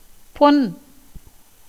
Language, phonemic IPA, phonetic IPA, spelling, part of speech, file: Tamil, /pon/, [po̞n], பொன், noun / adjective, Ta-பொன்.ogg
- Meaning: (noun) 1. gold 2. metal in general 3. wealth 4. iron 5. ornament 6. beauty; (adjective) 1. golden 2. lustrous, shiny, brilliant 3. precious, rare 4. beautiful